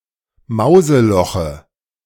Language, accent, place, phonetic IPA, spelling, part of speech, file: German, Germany, Berlin, [ˈmaʊ̯zəˌlɔxə], Mauseloche, noun, De-Mauseloche.ogg
- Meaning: dative singular of Mauseloch